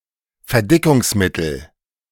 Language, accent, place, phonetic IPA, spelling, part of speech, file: German, Germany, Berlin, [fɛɐ̯ˈdɪkʊŋsˌmɪtl̩], Verdickungsmittel, noun, De-Verdickungsmittel.ogg
- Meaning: thickener, thickening agent